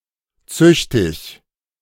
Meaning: chaste, virtuous
- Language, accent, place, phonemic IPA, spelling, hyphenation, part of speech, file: German, Germany, Berlin, /ˈt͡sʏçtɪç/, züchtig, züch‧tig, adjective, De-züchtig.ogg